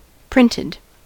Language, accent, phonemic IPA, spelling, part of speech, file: English, US, /ˈpɹɪ.nɪd/, printed, adjective / verb, En-us-printed.ogg
- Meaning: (adjective) 1. Put down on paper by a printing press or a computer printer 2. Written to a data file 3. Written on paper by hand in noncursive script 4. Ellipsis of 3D printed